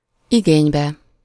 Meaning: illative singular of igény
- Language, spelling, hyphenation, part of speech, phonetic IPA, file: Hungarian, igénybe, igény‧be, noun, [ˈiɡeːɲbɛ], Hu-igénybe.ogg